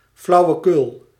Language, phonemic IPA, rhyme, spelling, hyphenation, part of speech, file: Dutch, /ˌflɑu̯ʋəˈkʏl/, -ʏl, flauwekul, flau‧we‧kul, noun, Nl-flauwekul.ogg
- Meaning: nonsense; drivel